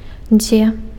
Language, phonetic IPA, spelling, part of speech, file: Belarusian, [d͡zʲe], дзе, adverb, Be-дзе.ogg
- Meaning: where